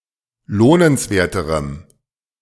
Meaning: strong dative masculine/neuter singular comparative degree of lohnenswert
- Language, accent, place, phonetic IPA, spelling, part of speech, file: German, Germany, Berlin, [ˈloːnənsˌveːɐ̯təʁəm], lohnenswerterem, adjective, De-lohnenswerterem.ogg